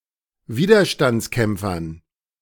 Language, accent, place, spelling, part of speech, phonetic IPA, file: German, Germany, Berlin, Widerstandskämpfern, noun, [ˈviːdɐʃtant͡sˌkɛmp͡fɐn], De-Widerstandskämpfern.ogg
- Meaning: dative plural of Widerstandskämpfer